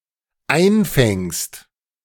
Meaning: second-person singular dependent present of einfangen
- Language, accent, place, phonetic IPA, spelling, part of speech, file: German, Germany, Berlin, [ˈaɪ̯nˌfɛŋst], einfängst, verb, De-einfängst.ogg